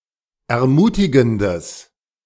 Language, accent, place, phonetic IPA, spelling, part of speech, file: German, Germany, Berlin, [ɛɐ̯ˈmuːtɪɡn̩dəs], ermutigendes, adjective, De-ermutigendes.ogg
- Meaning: strong/mixed nominative/accusative neuter singular of ermutigend